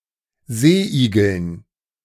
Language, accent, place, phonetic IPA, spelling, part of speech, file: German, Germany, Berlin, [ˈzeːˌʔiːɡl̩n], Seeigeln, noun, De-Seeigeln.ogg
- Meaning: dative plural of Seeigel